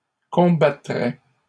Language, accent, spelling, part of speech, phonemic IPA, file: French, Canada, combattrait, verb, /kɔ̃.ba.tʁɛ/, LL-Q150 (fra)-combattrait.wav
- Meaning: third-person singular conditional of combattre